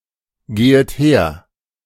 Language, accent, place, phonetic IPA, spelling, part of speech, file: German, Germany, Berlin, [ˌɡeːət ˈheːɐ̯], gehet her, verb, De-gehet her.ogg
- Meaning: second-person plural subjunctive I of hergehen